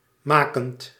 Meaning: present participle of maken
- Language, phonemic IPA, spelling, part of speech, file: Dutch, /ˈmaː.kənt/, makend, verb, Nl-makend.ogg